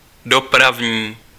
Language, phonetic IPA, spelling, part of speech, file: Czech, [ˈdopravɲiː], dopravní, adjective, Cs-dopravní.ogg
- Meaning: traffic